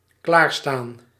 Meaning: 1. to be ready, get ready, prepare 2. to stand by, wait
- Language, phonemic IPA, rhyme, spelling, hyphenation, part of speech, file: Dutch, /klaːrstaːn/, -aːn, klaarstaan, klaar‧staan, verb, Nl-klaarstaan.ogg